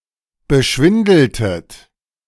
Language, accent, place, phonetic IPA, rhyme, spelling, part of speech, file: German, Germany, Berlin, [bəˈʃvɪndl̩tət], -ɪndl̩tət, beschwindeltet, verb, De-beschwindeltet.ogg
- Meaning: inflection of beschwindeln: 1. second-person plural preterite 2. second-person plural subjunctive II